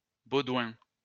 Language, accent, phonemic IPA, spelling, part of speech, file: French, France, /bo.dwɛ̃/, Baudouin, proper noun, LL-Q150 (fra)-Baudouin.wav
- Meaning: a male given name, equivalent to English Baldwin or Dutch Boudewijn